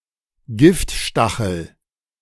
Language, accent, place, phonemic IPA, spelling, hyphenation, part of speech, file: German, Germany, Berlin, /ˈɡɪftˌʃtaxl̩/, Giftstachel, Gift‧sta‧chel, noun, De-Giftstachel.ogg
- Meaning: sting